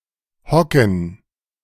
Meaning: 1. to squat; to crouch; to sit in a huddled position 2. to sit (in general)
- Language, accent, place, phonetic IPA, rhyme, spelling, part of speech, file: German, Germany, Berlin, [ˈhɔkn̩], -ɔkn̩, hocken, verb, De-hocken.ogg